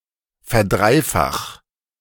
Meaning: 1. singular imperative of verdreifachen 2. first-person singular present of verdreifachen
- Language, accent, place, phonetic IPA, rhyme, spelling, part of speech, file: German, Germany, Berlin, [fɛɐ̯ˈdʁaɪ̯ˌfax], -aɪ̯fax, verdreifach, verb, De-verdreifach.ogg